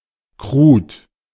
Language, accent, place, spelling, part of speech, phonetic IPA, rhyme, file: German, Germany, Berlin, krud, adjective, [kʁuːt], -uːt, De-krud.ogg
- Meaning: alternative form of krude